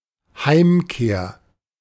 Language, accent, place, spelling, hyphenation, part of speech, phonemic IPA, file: German, Germany, Berlin, Heimkehr, Heim‧kehr, noun, /ˈhaɪ̯mˌkeːɐ̯/, De-Heimkehr.ogg
- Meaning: homecoming